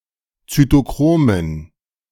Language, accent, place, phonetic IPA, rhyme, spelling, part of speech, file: German, Germany, Berlin, [t͡sytoˈkʁoːmən], -oːmən, Zytochromen, noun, De-Zytochromen.ogg
- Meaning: dative plural of Zytochrom